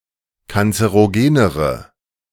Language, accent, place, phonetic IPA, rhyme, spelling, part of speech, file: German, Germany, Berlin, [kant͡səʁoˈɡeːnəʁə], -eːnəʁə, kanzerogenere, adjective, De-kanzerogenere.ogg
- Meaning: inflection of kanzerogen: 1. strong/mixed nominative/accusative feminine singular comparative degree 2. strong nominative/accusative plural comparative degree